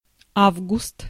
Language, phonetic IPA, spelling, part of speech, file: Russian, [ˈavɡʊst], август, noun, Ru-август.ogg
- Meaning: August